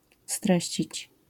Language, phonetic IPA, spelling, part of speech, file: Polish, [ˈstrɛɕt͡ɕit͡ɕ], streścić, verb, LL-Q809 (pol)-streścić.wav